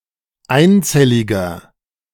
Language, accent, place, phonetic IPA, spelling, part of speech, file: German, Germany, Berlin, [ˈaɪ̯nˌt͡sɛlɪɡɐ], einzelliger, adjective, De-einzelliger.ogg
- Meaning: inflection of einzellig: 1. strong/mixed nominative masculine singular 2. strong genitive/dative feminine singular 3. strong genitive plural